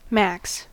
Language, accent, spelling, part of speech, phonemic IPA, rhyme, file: English, US, max, adjective / adverb / noun / verb, /mæks/, -æks, En-us-max.ogg
- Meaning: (adjective) Maximum; maximal; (adverb) at the most; maximum; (noun) 1. Clipping of maximum 2. An extreme, a great extent 3. Gin; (verb) 1. To reach the limit; to reach the maximum 2. To relax